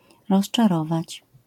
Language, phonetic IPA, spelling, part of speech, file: Polish, [ˌrɔʃt͡ʃaˈrɔvat͡ɕ], rozczarować, verb, LL-Q809 (pol)-rozczarować.wav